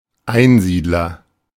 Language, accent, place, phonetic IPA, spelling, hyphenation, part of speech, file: German, Germany, Berlin, [ˈaɪ̯nˌziːdlɐ], Einsiedler, Ein‧sied‧ler, noun, De-Einsiedler.ogg
- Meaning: hermit